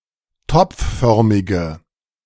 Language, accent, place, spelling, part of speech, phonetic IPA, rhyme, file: German, Germany, Berlin, topfförmige, adjective, [ˈtɔp͡fˌfœʁmɪɡə], -ɔp͡ffœʁmɪɡə, De-topfförmige.ogg
- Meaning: inflection of topfförmig: 1. strong/mixed nominative/accusative feminine singular 2. strong nominative/accusative plural 3. weak nominative all-gender singular